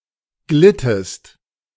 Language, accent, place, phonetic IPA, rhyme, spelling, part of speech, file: German, Germany, Berlin, [ˈɡlɪtəst], -ɪtəst, glittest, verb, De-glittest.ogg
- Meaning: inflection of gleiten: 1. second-person singular preterite 2. second-person singular subjunctive II